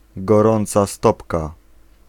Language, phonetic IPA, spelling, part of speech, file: Polish, [ɡɔˈrɔ̃nt͡sa ˈstɔpka], gorąca stopka, noun, Pl-gorąca stopka.ogg